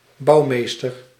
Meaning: architect
- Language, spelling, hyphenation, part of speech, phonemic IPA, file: Dutch, bouwmeester, bouw‧mees‧ter, noun, /ˈbɑu̯meːstər/, Nl-bouwmeester.ogg